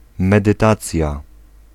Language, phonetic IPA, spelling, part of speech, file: Polish, [ˌmɛdɨˈtat͡sʲja], medytacja, noun, Pl-medytacja.ogg